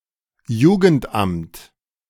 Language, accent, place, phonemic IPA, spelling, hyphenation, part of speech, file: German, Germany, Berlin, /ˈjuːɡn̩tˌʔamt/, Jugendamt, Ju‧gend‧amt, noun, De-Jugendamt.ogg
- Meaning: youth welfare agency